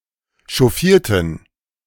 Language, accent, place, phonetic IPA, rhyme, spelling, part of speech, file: German, Germany, Berlin, [ʃɔˈfiːɐ̯tn̩], -iːɐ̯tn̩, chauffierten, adjective / verb, De-chauffierten.ogg
- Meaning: inflection of chauffieren: 1. first/third-person plural preterite 2. first/third-person plural subjunctive II